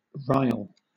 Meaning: 1. To stir or move from a state of calm or order 2. To make angry
- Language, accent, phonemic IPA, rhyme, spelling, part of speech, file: English, Southern England, /ɹaɪl/, -aɪl, rile, verb, LL-Q1860 (eng)-rile.wav